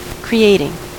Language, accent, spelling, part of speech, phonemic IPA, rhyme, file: English, US, creating, verb / noun, /kɹiːˈeɪtɪŋ/, -eɪtɪŋ, En-us-creating.ogg
- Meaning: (verb) present participle and gerund of create; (noun) creation